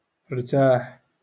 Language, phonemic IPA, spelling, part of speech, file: Moroccan Arabic, /(ɪ)r.taːħ/, ارتاح, verb, LL-Q56426 (ary)-ارتاح.wav
- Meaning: 1. to rest, to relax 2. to find rest 3. to be satisfied